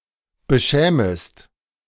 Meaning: second-person singular subjunctive I of beschämen
- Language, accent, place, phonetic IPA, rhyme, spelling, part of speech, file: German, Germany, Berlin, [bəˈʃɛːməst], -ɛːməst, beschämest, verb, De-beschämest.ogg